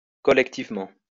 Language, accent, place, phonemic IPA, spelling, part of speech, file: French, France, Lyon, /kɔ.lɛk.tiv.mɑ̃/, collectivement, adverb, LL-Q150 (fra)-collectivement.wav
- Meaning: collectively